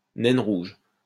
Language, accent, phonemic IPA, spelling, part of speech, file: French, France, /nɛn ʁuʒ/, naine rouge, noun, LL-Q150 (fra)-naine rouge.wav
- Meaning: red dwarf (small, relatively cool star of the main sequence)